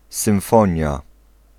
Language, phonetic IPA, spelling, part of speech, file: Polish, [sɨ̃w̃ˈfɔ̃ɲja], symfonia, noun, Pl-symfonia.ogg